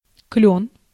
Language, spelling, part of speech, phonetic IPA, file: Russian, клён, noun, [klʲɵn], Ru-клён.ogg
- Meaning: maple